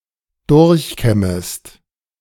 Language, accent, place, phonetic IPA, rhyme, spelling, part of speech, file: German, Germany, Berlin, [ˈdʊʁçˌkɛməst], -ɛməst, durchkämmest, verb, De-durchkämmest.ogg
- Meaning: second-person singular subjunctive I of durchkämmen